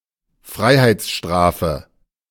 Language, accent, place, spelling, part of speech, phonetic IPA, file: German, Germany, Berlin, Freiheitsstrafe, noun, [ˈfʁaɪ̯haɪ̯t͡sˌʃtʁaːfə], De-Freiheitsstrafe.ogg
- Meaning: prison sentence, imprisonment